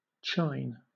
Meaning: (noun) 1. The top of a ridge 2. The spine of an animal 3. A piece of the backbone of an animal, with the adjoining parts, cut for cooking 4. The back of the blade on a scythe
- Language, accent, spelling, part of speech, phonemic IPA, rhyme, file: English, Southern England, chine, noun / verb, /t͡ʃaɪn/, -aɪn, LL-Q1860 (eng)-chine.wav